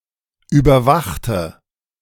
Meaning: inflection of überwachen: 1. first/third-person singular preterite 2. first/third-person singular subjunctive II
- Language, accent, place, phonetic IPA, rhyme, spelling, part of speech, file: German, Germany, Berlin, [ˌyːbɐˈvaxtə], -axtə, überwachte, adjective / verb, De-überwachte.ogg